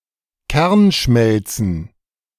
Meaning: plural of Kernschmelze
- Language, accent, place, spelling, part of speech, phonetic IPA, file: German, Germany, Berlin, Kernschmelzen, noun, [ˈkɛʁnˌʃmɛlt͡sn̩], De-Kernschmelzen.ogg